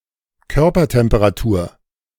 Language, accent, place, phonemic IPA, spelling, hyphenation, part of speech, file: German, Germany, Berlin, /ˈkœʁpɐtɛmpəʁaˌtuːɐ̯/, Körpertemperatur, Kör‧per‧tem‧pe‧ra‧tur, noun, De-Körpertemperatur.ogg
- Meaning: body temperature